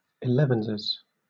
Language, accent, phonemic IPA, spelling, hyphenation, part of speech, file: English, Southern England, /ɪˈlɛv(ə)nzɪz/, elevenses, ele‧vens‧es, noun, LL-Q1860 (eng)-elevenses.wav
- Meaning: A short mid-morning break taken around eleven o'clock for a drink or light snack